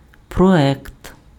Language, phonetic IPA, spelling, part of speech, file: Ukrainian, [prɔˈɛkt], проект, noun, Uk-проект.ogg
- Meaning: alternative form of проє́кт (projékt): project, design, draft